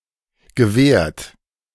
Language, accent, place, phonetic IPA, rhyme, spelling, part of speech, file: German, Germany, Berlin, [ɡəˈveːɐ̯t], -eːɐ̯t, gewehrt, verb, De-gewehrt.ogg
- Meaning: past participle of wehren